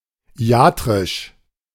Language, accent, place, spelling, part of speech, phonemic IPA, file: German, Germany, Berlin, iatrisch, adjective, /ˈi̯aːtʁɪʃ/, De-iatrisch.ogg
- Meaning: iatric